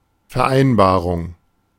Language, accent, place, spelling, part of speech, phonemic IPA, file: German, Germany, Berlin, Vereinbarung, noun, /fɛɐ̯ˈʔaɪ̯nbaːʁʊŋ/, De-Vereinbarung.ogg
- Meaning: 1. agreement, arrangement 2. booking (e.g., of an appointment)